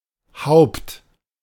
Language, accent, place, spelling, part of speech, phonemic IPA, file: German, Germany, Berlin, Haupt, noun, /haʊ̯pt/, De-Haupt.ogg
- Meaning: 1. head (body part) 2. head; leader; chief 3. chief 4. see haupt-